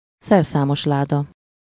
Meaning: toolbox (storage case for tools)
- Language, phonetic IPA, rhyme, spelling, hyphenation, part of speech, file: Hungarian, [ˈsɛrsaːmoʃlaːdɒ], -dɒ, szerszámosláda, szer‧szá‧mos‧lá‧da, noun, Hu-szerszámosláda.ogg